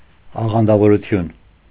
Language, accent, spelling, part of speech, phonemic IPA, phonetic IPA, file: Armenian, Eastern Armenian, աղանդավորություն, noun, /ɑʁɑndɑvoɾuˈtʰjun/, [ɑʁɑndɑvoɾut͡sʰjún], Hy-աղանդավորություն.ogg
- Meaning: sectarianism